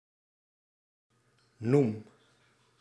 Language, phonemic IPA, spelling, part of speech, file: Dutch, /num/, noem, verb, Nl-noem.ogg
- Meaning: inflection of noemen: 1. first-person singular present indicative 2. second-person singular present indicative 3. imperative